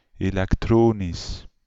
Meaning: electronic
- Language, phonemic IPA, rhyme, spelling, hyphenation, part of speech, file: Dutch, /ˌeːlɛkˈtroːnis/, -oːnis, elektronisch, elek‧tro‧nisch, adjective, Nl-elektronisch.ogg